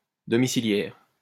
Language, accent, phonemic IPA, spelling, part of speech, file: French, France, /dɔ.mi.si.ljɛʁ/, domiciliaire, adjective, LL-Q150 (fra)-domiciliaire.wav
- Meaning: domiciliary